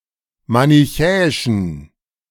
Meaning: inflection of manichäisch: 1. strong genitive masculine/neuter singular 2. weak/mixed genitive/dative all-gender singular 3. strong/weak/mixed accusative masculine singular 4. strong dative plural
- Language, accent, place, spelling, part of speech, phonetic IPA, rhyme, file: German, Germany, Berlin, manichäischen, adjective, [manɪˈçɛːɪʃn̩], -ɛːɪʃn̩, De-manichäischen.ogg